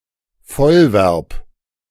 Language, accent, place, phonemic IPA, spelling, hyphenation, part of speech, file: German, Germany, Berlin, /ˈfɔlˌvɛʁp/, Vollverb, Voll‧verb, noun, De-Vollverb.ogg
- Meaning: full verb, lexical verb, main verb (member of an open class of verbs typically expressing action, state, or other predicate meaning that includes all verbs except auxiliary verbs)